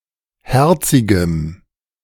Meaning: strong dative masculine/neuter singular of herzig
- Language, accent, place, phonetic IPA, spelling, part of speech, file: German, Germany, Berlin, [ˈhɛʁt͡sɪɡəm], herzigem, adjective, De-herzigem.ogg